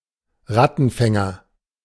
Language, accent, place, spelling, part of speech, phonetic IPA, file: German, Germany, Berlin, Rattenfänger, noun, [ˈʁatn̩ˌfɛŋɐ], De-Rattenfänger.ogg
- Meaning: 1. ratcatcher 2. rat dog 3. pied piper, demagogue